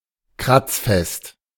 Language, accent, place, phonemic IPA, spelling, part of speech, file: German, Germany, Berlin, /ˈkʁat͡sˌfɛst/, kratzfest, adjective, De-kratzfest.ogg
- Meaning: scratch-proof, scratch-resistant